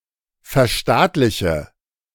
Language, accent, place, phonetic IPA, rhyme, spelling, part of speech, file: German, Germany, Berlin, [fɛɐ̯ˈʃtaːtlɪçə], -aːtlɪçə, verstaatliche, verb, De-verstaatliche.ogg
- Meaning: inflection of verstaatlichen: 1. first-person singular present 2. first/third-person singular subjunctive I 3. singular imperative